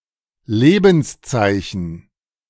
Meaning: sign of life
- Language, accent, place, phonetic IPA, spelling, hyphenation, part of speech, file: German, Germany, Berlin, [ˈleːbn̩sˌt͡saɪ̯çn̩], Lebenszeichen, Le‧bens‧zei‧chen, noun, De-Lebenszeichen.ogg